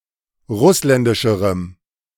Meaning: strong dative masculine/neuter singular comparative degree of russländisch
- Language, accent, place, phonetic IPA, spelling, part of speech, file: German, Germany, Berlin, [ˈʁʊslɛndɪʃəʁəm], russländischerem, adjective, De-russländischerem.ogg